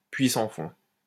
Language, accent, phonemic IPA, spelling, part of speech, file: French, France, /pɥi sɑ̃ fɔ̃/, puits sans fond, noun, LL-Q150 (fra)-puits sans fond.wav
- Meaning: money pit